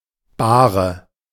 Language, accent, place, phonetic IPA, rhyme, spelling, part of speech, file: German, Germany, Berlin, [ˈbaːʁə], -aːʁə, Bahre, noun, De-Bahre.ogg
- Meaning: 1. bier 2. litter (A platform mounted on two shafts designed to be carried by two (or more) people to transport a third person) 3. stretcher